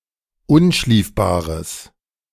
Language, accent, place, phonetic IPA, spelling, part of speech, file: German, Germany, Berlin, [ˈʊnˌʃliːfbaːʁəs], unschliefbares, adjective, De-unschliefbares.ogg
- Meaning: strong/mixed nominative/accusative neuter singular of unschliefbar